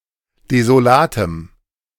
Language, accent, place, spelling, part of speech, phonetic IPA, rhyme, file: German, Germany, Berlin, desolatem, adjective, [dezoˈlaːtəm], -aːtəm, De-desolatem.ogg
- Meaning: strong dative masculine/neuter singular of desolat